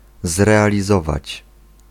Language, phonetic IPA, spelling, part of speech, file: Polish, [ˌzrɛalʲiˈzɔvat͡ɕ], zrealizować, verb, Pl-zrealizować.ogg